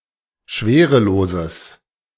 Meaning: strong/mixed nominative/accusative neuter singular of schwerelos
- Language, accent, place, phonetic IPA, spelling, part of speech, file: German, Germany, Berlin, [ˈʃveːʁəˌloːzəs], schwereloses, adjective, De-schwereloses.ogg